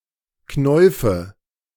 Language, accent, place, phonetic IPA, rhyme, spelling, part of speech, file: German, Germany, Berlin, [ˈknɔɪ̯fə], -ɔɪ̯fə, Knäufe, noun, De-Knäufe.ogg
- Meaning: nominative/accusative/genitive plural of Knauf